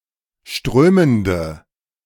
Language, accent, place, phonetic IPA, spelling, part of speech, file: German, Germany, Berlin, [ˈʃtʁøːməndə], strömende, adjective, De-strömende.ogg
- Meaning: inflection of strömend: 1. strong/mixed nominative/accusative feminine singular 2. strong nominative/accusative plural 3. weak nominative all-gender singular